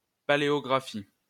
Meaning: paleography
- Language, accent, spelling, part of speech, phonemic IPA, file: French, France, paléographie, noun, /pa.le.ɔ.ɡʁa.fi/, LL-Q150 (fra)-paléographie.wav